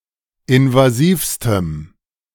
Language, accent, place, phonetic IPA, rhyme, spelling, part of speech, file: German, Germany, Berlin, [ɪnvaˈziːfstəm], -iːfstəm, invasivstem, adjective, De-invasivstem.ogg
- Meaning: strong dative masculine/neuter singular superlative degree of invasiv